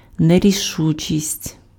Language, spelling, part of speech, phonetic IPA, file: Ukrainian, нерішучість, noun, [nerʲiˈʃut͡ʃʲisʲtʲ], Uk-нерішучість.ogg
- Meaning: indecisiveness, indecision, irresoluteness, irresolution, hesitancy, hesitation